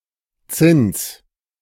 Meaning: 1. interest 2. tribute 3. ground rent 4. (for dwellings) rent
- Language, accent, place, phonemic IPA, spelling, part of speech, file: German, Germany, Berlin, /ˈt͡sɪns/, Zins, noun, De-Zins.ogg